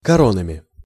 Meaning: instrumental plural of коро́на (koróna)
- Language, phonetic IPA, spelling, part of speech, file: Russian, [kɐˈronəmʲɪ], коронами, noun, Ru-коронами.ogg